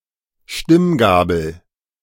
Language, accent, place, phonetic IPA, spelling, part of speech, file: German, Germany, Berlin, [ˈʃtɪmˌɡaːbl̩], Stimmgabel, noun, De-Stimmgabel.ogg
- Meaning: tuning fork